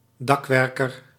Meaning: roofer
- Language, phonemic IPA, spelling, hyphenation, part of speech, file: Dutch, /ˈdɑkʋɛrkər/, dakwerker, dak‧wer‧ker, noun, Nl-dakwerker.ogg